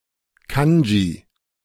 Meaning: kanji
- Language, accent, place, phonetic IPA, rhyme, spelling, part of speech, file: German, Germany, Berlin, [ˈkand͡ʒiː], -and͡ʒi, Kanji, noun, De-Kanji.ogg